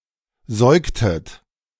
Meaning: inflection of säugen: 1. second-person plural preterite 2. second-person plural subjunctive II
- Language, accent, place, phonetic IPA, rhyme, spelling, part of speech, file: German, Germany, Berlin, [ˈzɔɪ̯ktət], -ɔɪ̯ktət, säugtet, verb, De-säugtet.ogg